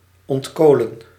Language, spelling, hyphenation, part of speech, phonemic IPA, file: Dutch, ontkolen, ont‧ko‧len, verb, /ˌɔntˈkoː.lə(n)/, Nl-ontkolen.ogg
- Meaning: to decarbonize, to remove carbon